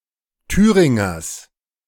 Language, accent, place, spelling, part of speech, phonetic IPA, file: German, Germany, Berlin, Thüringers, noun, [ˈtyːʁɪŋɐs], De-Thüringers.ogg
- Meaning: genitive singular of Thüringer